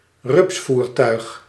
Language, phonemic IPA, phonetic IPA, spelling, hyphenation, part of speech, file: Dutch, /ˈrʏpsˌvur.tœy̯x/, [ˈrʏpsˌfuːr.tœy̯x], rupsvoertuig, rups‧voer‧tuig, noun, Nl-rupsvoertuig.ogg
- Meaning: any vehicle with caterpillar tracks